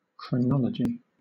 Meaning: 1. The science of determining the order in which events occurred 2. An arrangement of events into chronological order; called a timeline when involving graphical elements
- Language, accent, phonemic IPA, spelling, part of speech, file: English, Southern England, /kɹəˈnɒl.ə.d͡ʒi/, chronology, noun, LL-Q1860 (eng)-chronology.wav